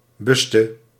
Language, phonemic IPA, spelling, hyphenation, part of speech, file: Dutch, /ˈbys.tə/, buste, bus‧te, noun / verb, Nl-buste.ogg
- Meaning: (noun) 1. bust (a sculptural portrayal of a person's head and shoulders) 2. breast, of a woman; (verb) inflection of bussen: 1. singular past indicative 2. singular past subjunctive